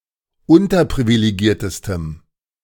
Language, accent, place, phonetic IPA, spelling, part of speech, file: German, Germany, Berlin, [ˈʊntɐpʁivileˌɡiːɐ̯təstəm], unterprivilegiertestem, adjective, De-unterprivilegiertestem.ogg
- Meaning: strong dative masculine/neuter singular superlative degree of unterprivilegiert